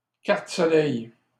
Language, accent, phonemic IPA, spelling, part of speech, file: French, Canada, /kaʁ.t(ə) sɔ.lɛj/, carte soleil, noun, LL-Q150 (fra)-carte soleil.wav
- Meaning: 1. synonym of carte d'assurance maladie du Québec (the Quebec medicare card) 2. any socialized health insurance card, government health care card, medicare card